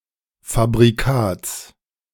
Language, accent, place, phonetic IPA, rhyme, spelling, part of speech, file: German, Germany, Berlin, [fabʁiˈkaːt͡s], -aːt͡s, Fabrikats, noun, De-Fabrikats.ogg
- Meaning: genitive singular of Fabrikat